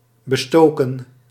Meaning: 1. to attack, to shoot at 2. to shell, to bombard 3. to plague, to harass
- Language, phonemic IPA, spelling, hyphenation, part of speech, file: Dutch, /bəˈstoːkə(n)/, bestoken, be‧sto‧ken, verb, Nl-bestoken.ogg